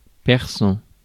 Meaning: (adjective) Persian; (noun) 1. Persian language 2. Persian (cat)
- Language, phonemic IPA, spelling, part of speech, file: French, /pɛʁ.sɑ̃/, persan, adjective / noun, Fr-persan.ogg